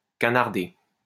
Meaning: to snipe at someone
- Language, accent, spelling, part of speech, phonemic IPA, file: French, France, canarder, verb, /ka.naʁ.de/, LL-Q150 (fra)-canarder.wav